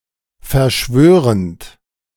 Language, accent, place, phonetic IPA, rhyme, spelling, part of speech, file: German, Germany, Berlin, [fɛɐ̯ˈʃvøːʁənt], -øːʁənt, verschwörend, verb, De-verschwörend.ogg
- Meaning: present participle of verschwören